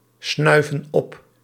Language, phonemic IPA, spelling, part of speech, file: Dutch, /ˈsnœyvə(n) ˈɔp/, snuiven op, verb, Nl-snuiven op.ogg
- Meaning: inflection of opsnuiven: 1. plural present indicative 2. plural present subjunctive